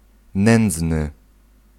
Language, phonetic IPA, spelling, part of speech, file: Polish, [ˈnɛ̃nd͡znɨ], nędzny, adjective, Pl-nędzny.ogg